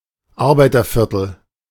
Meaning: working-class district
- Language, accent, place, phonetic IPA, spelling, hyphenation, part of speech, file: German, Germany, Berlin, [ˈarbaɪ̯tɐfɪrtl̩], Arbeiterviertel, Ar‧bei‧ter‧vier‧tel, noun, De-Arbeiterviertel.ogg